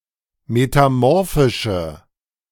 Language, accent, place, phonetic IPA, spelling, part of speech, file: German, Germany, Berlin, [metaˈmɔʁfɪʃə], metamorphische, adjective, De-metamorphische.ogg
- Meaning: inflection of metamorphisch: 1. strong/mixed nominative/accusative feminine singular 2. strong nominative/accusative plural 3. weak nominative all-gender singular